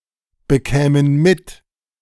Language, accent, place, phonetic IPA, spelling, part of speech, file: German, Germany, Berlin, [bəˌkɛːmən ˈmɪt], bekämen mit, verb, De-bekämen mit.ogg
- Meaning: first/third-person plural subjunctive II of mitbekommen